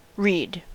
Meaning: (noun) 1. Any of various types of tall stiff perennial grass-like plants growing together in groups near water 2. The hollow stem of these plants
- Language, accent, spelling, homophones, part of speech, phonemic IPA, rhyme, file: English, US, reed, read / Reid / Reade / Read, noun / verb, /ɹiːd/, -iːd, En-us-reed.ogg